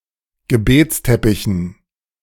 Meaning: dative plural of Gebetsteppich
- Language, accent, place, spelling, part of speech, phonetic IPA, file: German, Germany, Berlin, Gebetsteppichen, noun, [ɡəˈbeːt͡sˌtɛpɪçn̩], De-Gebetsteppichen.ogg